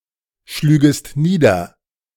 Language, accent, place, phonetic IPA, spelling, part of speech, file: German, Germany, Berlin, [ˌʃlyːɡəst ˈniːdɐ], schlügest nieder, verb, De-schlügest nieder.ogg
- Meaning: second-person singular subjunctive II of niederschlagen